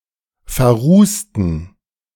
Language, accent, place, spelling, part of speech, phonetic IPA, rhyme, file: German, Germany, Berlin, verrußten, adjective / verb, [fɛɐ̯ˈʁuːstn̩], -uːstn̩, De-verrußten.ogg
- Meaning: inflection of verrußt: 1. strong genitive masculine/neuter singular 2. weak/mixed genitive/dative all-gender singular 3. strong/weak/mixed accusative masculine singular 4. strong dative plural